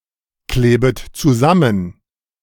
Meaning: second-person plural subjunctive I of zusammenkleben
- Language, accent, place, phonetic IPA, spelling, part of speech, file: German, Germany, Berlin, [ˌkleːbət t͡suˈzamən], klebet zusammen, verb, De-klebet zusammen.ogg